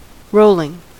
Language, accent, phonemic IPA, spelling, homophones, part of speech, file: English, US, /ˈɹol.ɪŋ/, rolling, Rowling, adjective / verb / noun, En-us-rolling.ogg
- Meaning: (adjective) 1. Drunk; intoxicated from alcohol, staggering 2. Staggered in time and space 3. Moving by turning over and over about an axis 4. Extending in gentle undulations (of the landscape)